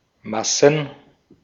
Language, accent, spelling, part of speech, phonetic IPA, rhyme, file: German, Austria, Massen, noun, [ˈmasn̩], -asn̩, De-at-Massen.ogg
- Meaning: plural of Masse "masses"